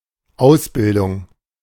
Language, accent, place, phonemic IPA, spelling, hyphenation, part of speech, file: German, Germany, Berlin, /ˈaʊ̯sˌbɪldʊŋ/, Ausbildung, Aus‧bil‧dung, noun, De-Ausbildung.ogg
- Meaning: training, apprenticeship, vocational education, education